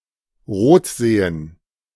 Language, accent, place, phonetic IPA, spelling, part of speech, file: German, Germany, Berlin, [ˈʁoːtˌzeːən], rotsehen, verb, De-rotsehen.ogg
- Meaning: to see red